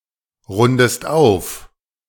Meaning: inflection of aufrunden: 1. second-person singular present 2. second-person singular subjunctive I
- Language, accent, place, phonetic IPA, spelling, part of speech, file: German, Germany, Berlin, [ˌʁʊndəst ˈaʊ̯f], rundest auf, verb, De-rundest auf.ogg